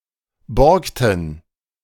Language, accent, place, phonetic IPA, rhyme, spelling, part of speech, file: German, Germany, Berlin, [ˈbɔʁktn̩], -ɔʁktn̩, borgten, verb, De-borgten.ogg
- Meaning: inflection of borgen: 1. first/third-person plural preterite 2. first/third-person plural subjunctive II